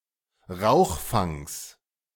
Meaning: genitive singular of Rauchfang
- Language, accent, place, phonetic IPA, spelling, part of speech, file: German, Germany, Berlin, [ˈʁaʊ̯xˌfaŋs], Rauchfangs, noun, De-Rauchfangs.ogg